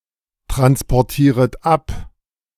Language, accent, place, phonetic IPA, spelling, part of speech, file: German, Germany, Berlin, [tʁanspɔʁˌtiːʁət ˈap], transportieret ab, verb, De-transportieret ab.ogg
- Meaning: second-person plural subjunctive I of abtransportieren